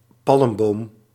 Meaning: 1. a palm tree, tree of the family Palmae 2. a palm tree, a tree or shrub resembling a tree of that family
- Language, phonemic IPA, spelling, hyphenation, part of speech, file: Dutch, /ˈpɑlm.boːm/, palmboom, palm‧boom, noun, Nl-palmboom.ogg